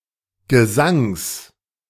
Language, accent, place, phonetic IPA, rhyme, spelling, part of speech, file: German, Germany, Berlin, [ɡəˈzaŋs], -aŋs, Gesangs, noun, De-Gesangs.ogg
- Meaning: genitive singular of Gesang